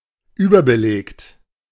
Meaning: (verb) past participle of überbelegen; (adjective) overcrowded
- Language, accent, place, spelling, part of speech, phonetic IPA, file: German, Germany, Berlin, überbelegt, adjective / verb, [ˈyːbɐbəˌleːkt], De-überbelegt.ogg